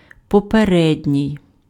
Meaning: 1. previous, prior, preceding 2. anterior, antecedent 3. preliminary 4. foregoing
- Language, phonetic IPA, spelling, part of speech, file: Ukrainian, [pɔpeˈrɛdʲnʲii̯], попередній, adjective, Uk-попередній.ogg